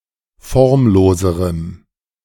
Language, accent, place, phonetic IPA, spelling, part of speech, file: German, Germany, Berlin, [ˈfɔʁmˌloːzəʁəm], formloserem, adjective, De-formloserem.ogg
- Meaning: strong dative masculine/neuter singular comparative degree of formlos